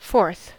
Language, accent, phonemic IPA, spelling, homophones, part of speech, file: English, US, /fɔɹθ/, fourth, forth, adjective / noun / verb, En-us-fourth.ogg
- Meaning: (adjective) The ordinal form of the number four; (noun) 1. The person or thing in the fourth position 2. A quarter, one of four equal parts of a whole 3. The fourth gear of an engine